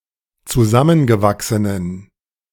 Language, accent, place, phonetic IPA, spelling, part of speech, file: German, Germany, Berlin, [t͡suˈzamənɡəˌvaksənən], zusammengewachsenen, adjective, De-zusammengewachsenen.ogg
- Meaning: inflection of zusammengewachsen: 1. strong genitive masculine/neuter singular 2. weak/mixed genitive/dative all-gender singular 3. strong/weak/mixed accusative masculine singular